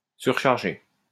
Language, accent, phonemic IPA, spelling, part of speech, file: French, France, /syʁ.ʃaʁ.ʒe/, surcharger, verb, LL-Q150 (fra)-surcharger.wav
- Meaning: 1. to overcharge 2. to overload, overburden, overcrowd 3. to surcharge